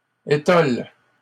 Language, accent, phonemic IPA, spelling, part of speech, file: French, Canada, /e.tɔl/, étole, noun, LL-Q150 (fra)-étole.wav
- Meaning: 1. stole 2. a blasphemy used for emphasis or to indicate something is useless